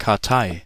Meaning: card index, card catalog
- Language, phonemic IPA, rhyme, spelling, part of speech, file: German, /kaʁˈtaɪ̯/, -aɪ̯, Kartei, noun, De-Kartei.ogg